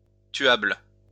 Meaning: killable
- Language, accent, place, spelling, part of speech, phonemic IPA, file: French, France, Lyon, tuable, adjective, /tɥabl/, LL-Q150 (fra)-tuable.wav